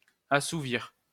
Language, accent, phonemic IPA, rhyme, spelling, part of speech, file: French, France, /a.su.viʁ/, -iʁ, assouvir, verb, LL-Q150 (fra)-assouvir.wav
- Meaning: to satisfy, assuage (hunger, passion, etc.)